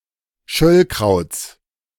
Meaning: genitive of Schöllkraut
- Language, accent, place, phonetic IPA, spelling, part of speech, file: German, Germany, Berlin, [ˈʃœlkʁaʊ̯t͡s], Schöllkrauts, noun, De-Schöllkrauts.ogg